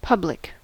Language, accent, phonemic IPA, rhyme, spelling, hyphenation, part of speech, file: English, General American, /ˈpʌb.lɪk/, -ʌblɪk, public, publ‧ic, adjective / noun / verb, En-us-public.ogg
- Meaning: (adjective) Able to be known or seen by everyone; happening without concealment; open to general view